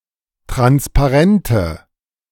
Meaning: inflection of transparent: 1. strong/mixed nominative/accusative feminine singular 2. strong nominative/accusative plural 3. weak nominative all-gender singular
- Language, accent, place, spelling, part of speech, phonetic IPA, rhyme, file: German, Germany, Berlin, transparente, adjective, [ˌtʁanspaˈʁɛntə], -ɛntə, De-transparente.ogg